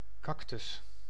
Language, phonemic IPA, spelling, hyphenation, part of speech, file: Dutch, /ˈkɑk.tʏs/, cactus, cac‧tus, noun, Nl-cactus.ogg
- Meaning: cactus, plant of the family Cactaceae